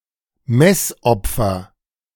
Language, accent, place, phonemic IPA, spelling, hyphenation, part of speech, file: German, Germany, Berlin, /ˈmɛsʔɔp͡fɐ/, Messopfer, Mess‧op‧fer, noun, De-Messopfer.ogg
- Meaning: Eucharist